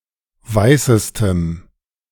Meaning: strong dative masculine/neuter singular superlative degree of weiß
- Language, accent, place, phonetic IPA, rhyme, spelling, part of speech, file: German, Germany, Berlin, [ˈvaɪ̯səstəm], -aɪ̯səstəm, weißestem, adjective, De-weißestem.ogg